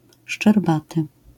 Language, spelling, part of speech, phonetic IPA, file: Polish, szczerbaty, adjective / noun, [ʃt͡ʃɛrˈbatɨ], LL-Q809 (pol)-szczerbaty.wav